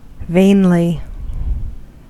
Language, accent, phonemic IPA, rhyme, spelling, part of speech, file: English, US, /ˈveɪnli/, -eɪnli, vainly, adverb, En-us-vainly.ogg
- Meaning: 1. In a vain pursuit; to no avail 2. With a vain attitude; in a self-approving manner